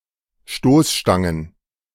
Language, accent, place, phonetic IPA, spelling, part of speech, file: German, Germany, Berlin, [ˈʃtoːsˌʃtaŋən], Stoßstangen, noun, De-Stoßstangen.ogg
- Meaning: plural of Stoßstange